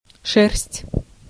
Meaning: 1. fur, hair (animal hair or human body hair; contrast волосы and мех) 2. wool (hair of an animal used to make clothing) 3. woollen cloth, worsted, wadding
- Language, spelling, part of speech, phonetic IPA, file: Russian, шерсть, noun, [ʂɛrs⁽ʲ⁾tʲ], Ru-шерсть.ogg